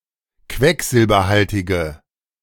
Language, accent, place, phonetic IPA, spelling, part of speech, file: German, Germany, Berlin, [ˈkvɛkzɪlbɐˌhaltɪɡə], quecksilberhaltige, adjective, De-quecksilberhaltige.ogg
- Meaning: inflection of quecksilberhaltig: 1. strong/mixed nominative/accusative feminine singular 2. strong nominative/accusative plural 3. weak nominative all-gender singular